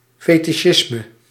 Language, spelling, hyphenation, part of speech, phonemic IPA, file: Dutch, fetisjisme, fe‧ti‧sjis‧me, noun, /ˌfɛ.tiˈʃɪs.mə/, Nl-fetisjisme.ogg
- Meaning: 1. fetishism, sexual paraphilia 2. fetishism, worship of fetishes (magical objects)